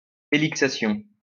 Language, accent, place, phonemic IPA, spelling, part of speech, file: French, France, Lyon, /e.lik.sa.sjɔ̃/, élixation, noun, LL-Q150 (fra)-élixation.wav
- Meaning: elixation